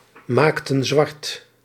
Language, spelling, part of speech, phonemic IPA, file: Dutch, maakten zwart, verb, /ˈmaktə(n) ˈzwɑrt/, Nl-maakten zwart.ogg
- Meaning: inflection of zwartmaken: 1. plural past indicative 2. plural past subjunctive